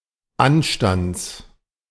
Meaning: genitive singular of Anstand
- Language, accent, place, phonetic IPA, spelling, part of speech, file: German, Germany, Berlin, [ˈanʃtant͡s], Anstands, noun, De-Anstands.ogg